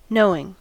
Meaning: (adjective) 1. Possessing knowledge or understanding; knowledgeable, intelligent 2. Deliberate, wilful 3. Shrewd or showing clever awareness; discerning
- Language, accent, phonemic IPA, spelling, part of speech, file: English, US, /ˈnoʊɪŋ/, knowing, adjective / preposition / verb / noun, En-us-knowing.ogg